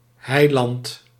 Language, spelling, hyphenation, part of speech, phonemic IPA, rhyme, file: Dutch, Heiland, Hei‧land, proper noun, /ˈɦɛi̯.lɑnt/, -ɛi̯lɑnt, Nl-Heiland.ogg
- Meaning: Savior (North America), Saviour (Commonwealth)